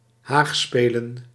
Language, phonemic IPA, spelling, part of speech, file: Dutch, /ˈhaxspɛlə(n)/, haagspelen, noun, Nl-haagspelen.ogg
- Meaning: plural of haagspel